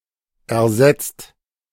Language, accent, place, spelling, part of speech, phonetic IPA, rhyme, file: German, Germany, Berlin, ersetzt, verb, [ɛɐ̯ˈzɛt͡st], -ɛt͡st, De-ersetzt.ogg
- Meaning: 1. past participle of ersetzen 2. inflection of ersetzen: second/third-person singular present 3. inflection of ersetzen: second-person plural present 4. inflection of ersetzen: plural imperative